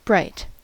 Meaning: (adjective) 1. Emitting much light; visually dazzling; luminous, lucent, radiant 2. Of light: brilliant, intense
- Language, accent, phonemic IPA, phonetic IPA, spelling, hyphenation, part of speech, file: English, US, /ˈbɹaɪ̯t/, [ˈbɹʷaɪ̯t], bright, bright, adjective / noun / adverb / verb, En-us-bright.ogg